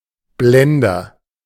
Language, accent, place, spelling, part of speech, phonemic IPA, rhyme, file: German, Germany, Berlin, Blender, noun, /ˈblɛndɐ/, -ɛndɐ, De-Blender.ogg
- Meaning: agent noun of blenden; a show-off; a poseur (one who behaves affectedly and overstates their achievements in order to make an impression)